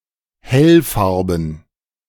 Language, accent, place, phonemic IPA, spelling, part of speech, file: German, Germany, Berlin, /ˈhɛlˌfaʁbn̩/, hellfarben, adjective, De-hellfarben.ogg
- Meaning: brightly coloured